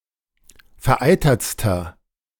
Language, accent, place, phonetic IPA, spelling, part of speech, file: German, Germany, Berlin, [fɛɐ̯ˈʔaɪ̯tɐt͡stɐ], vereitertster, adjective, De-vereitertster.ogg
- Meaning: inflection of vereitert: 1. strong/mixed nominative masculine singular superlative degree 2. strong genitive/dative feminine singular superlative degree 3. strong genitive plural superlative degree